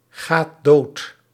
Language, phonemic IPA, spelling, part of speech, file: Dutch, /ˈɣat ˈdot/, gaat dood, verb, Nl-gaat dood.ogg
- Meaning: inflection of doodgaan: 1. second/third-person singular present indicative 2. plural imperative